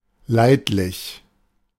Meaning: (adjective) tolerable; passable; mediocre (only just good enough; not good, but not extremely bad either); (adverb) tolerably; passably; halfway; more or less
- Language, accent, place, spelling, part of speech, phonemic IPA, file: German, Germany, Berlin, leidlich, adjective / adverb, /ˈlaɪ̯tlɪç/, De-leidlich.ogg